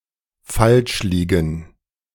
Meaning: to be wrong
- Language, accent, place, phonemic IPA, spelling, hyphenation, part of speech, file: German, Germany, Berlin, /ˈfalʃˌliːɡn̩/, falschliegen, falsch‧lie‧gen, verb, De-falschliegen.ogg